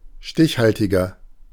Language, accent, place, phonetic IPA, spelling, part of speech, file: German, Germany, Berlin, [ˈʃtɪçˌhaltɪɡɐ], stichhaltiger, adjective, De-stichhaltiger.ogg
- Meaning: 1. comparative degree of stichhaltig 2. inflection of stichhaltig: strong/mixed nominative masculine singular 3. inflection of stichhaltig: strong genitive/dative feminine singular